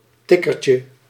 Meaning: tag, a game often played by children
- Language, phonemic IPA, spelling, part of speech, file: Dutch, /ˈtɪkərcə/, tikkertje, noun, Nl-tikkertje.ogg